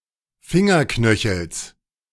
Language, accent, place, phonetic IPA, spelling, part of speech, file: German, Germany, Berlin, [ˈfɪŋɐˌknœçl̩s], Fingerknöchels, noun, De-Fingerknöchels.ogg
- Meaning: genitive singular of Fingerknöchel